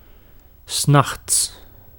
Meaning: during the night, in the night, at night
- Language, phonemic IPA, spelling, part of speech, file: Dutch, /ˈsnɑx(t)s/, 's nachts, adverb, Nl-'s nachts.ogg